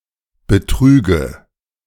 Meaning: inflection of betrügen: 1. first-person singular present 2. first/third-person singular subjunctive I 3. singular imperative
- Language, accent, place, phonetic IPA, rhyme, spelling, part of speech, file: German, Germany, Berlin, [bəˈtʁyːɡə], -yːɡə, betrüge, verb, De-betrüge.ogg